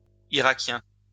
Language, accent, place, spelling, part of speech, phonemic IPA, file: French, France, Lyon, iraquien, adjective, /i.ʁa.kjɛ̃/, LL-Q150 (fra)-iraquien.wav
- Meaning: alternative spelling of irakien